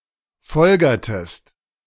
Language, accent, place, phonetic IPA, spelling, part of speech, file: German, Germany, Berlin, [ˈfɔlɡɐtəst], folgertest, verb, De-folgertest.ogg
- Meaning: inflection of folgern: 1. second-person singular preterite 2. second-person singular subjunctive II